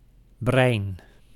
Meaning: 1. brain 2. mastermind
- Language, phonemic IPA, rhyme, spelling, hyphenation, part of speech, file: Dutch, /brɛi̯n/, -ɛi̯n, brein, brein, noun, Nl-brein.ogg